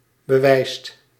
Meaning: inflection of bewijzen: 1. second/third-person singular present indicative 2. plural imperative
- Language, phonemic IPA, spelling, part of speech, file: Dutch, /bəˈʋɛ͡i̯st/, bewijst, verb, Nl-bewijst.ogg